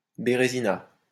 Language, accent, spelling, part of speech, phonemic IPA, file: French, France, bérézina, noun, /be.ʁe.zi.na/, LL-Q150 (fra)-bérézina.wav
- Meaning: complete disaster, crushing defeat